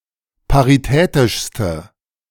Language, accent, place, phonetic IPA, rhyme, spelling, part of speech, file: German, Germany, Berlin, [paʁiˈtɛːtɪʃstə], -ɛːtɪʃstə, paritätischste, adjective, De-paritätischste.ogg
- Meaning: inflection of paritätisch: 1. strong/mixed nominative/accusative feminine singular superlative degree 2. strong nominative/accusative plural superlative degree